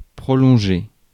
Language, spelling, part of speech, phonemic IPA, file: French, prolonger, verb, /pʁɔ.lɔ̃.ʒe/, Fr-prolonger.ogg
- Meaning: to prolong